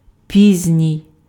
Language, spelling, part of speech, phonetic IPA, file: Ukrainian, пізній, adjective, [ˈpʲizʲnʲii̯], Uk-пізній.ogg
- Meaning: late